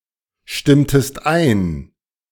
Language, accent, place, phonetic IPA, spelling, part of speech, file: German, Germany, Berlin, [ˌʃtɪmtəst ˈaɪ̯n], stimmtest ein, verb, De-stimmtest ein.ogg
- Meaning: inflection of einstimmen: 1. second-person singular preterite 2. second-person singular subjunctive II